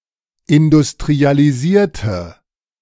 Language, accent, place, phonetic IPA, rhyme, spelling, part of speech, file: German, Germany, Berlin, [ɪndʊstʁialiˈziːɐ̯tə], -iːɐ̯tə, industrialisierte, adjective / verb, De-industrialisierte.ogg
- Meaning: inflection of industrialisieren: 1. first/third-person singular preterite 2. first/third-person singular subjunctive II